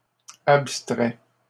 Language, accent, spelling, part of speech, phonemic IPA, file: French, Canada, abstraie, verb, /ap.stʁɛ/, LL-Q150 (fra)-abstraie.wav
- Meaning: first/third-person singular present subjunctive of abstraire